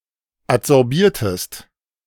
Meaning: inflection of adsorbieren: 1. second-person singular preterite 2. second-person singular subjunctive II
- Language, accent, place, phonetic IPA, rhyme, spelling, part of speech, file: German, Germany, Berlin, [atzɔʁˈbiːɐ̯təst], -iːɐ̯təst, adsorbiertest, verb, De-adsorbiertest.ogg